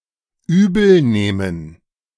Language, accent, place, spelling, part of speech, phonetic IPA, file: German, Germany, Berlin, übel nehmen, verb, [ˈyːbl̩ˌneːmən], De-übel nehmen.ogg
- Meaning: to resent, to take offense